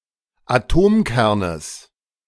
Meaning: genitive of Atomkern
- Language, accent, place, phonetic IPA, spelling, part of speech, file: German, Germany, Berlin, [aˈtoːmˌkɛʁnəs], Atomkernes, noun, De-Atomkernes.ogg